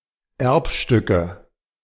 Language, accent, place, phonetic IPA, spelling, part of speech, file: German, Germany, Berlin, [ˈɛʁpʃtʏkə], Erbstücke, noun, De-Erbstücke.ogg
- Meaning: nominative/accusative/genitive plural of Erbstück